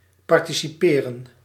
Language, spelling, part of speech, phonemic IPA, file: Dutch, participeren, verb, /ˌpɑrtisiˈpeːrə(n)/, Nl-participeren.ogg
- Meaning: to participate